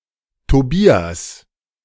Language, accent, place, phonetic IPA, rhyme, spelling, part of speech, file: German, Germany, Berlin, [toˈbiːas], -iːas, Tobias, proper noun, De-Tobias.ogg
- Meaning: 1. Tobias (biblical character) 2. a male given name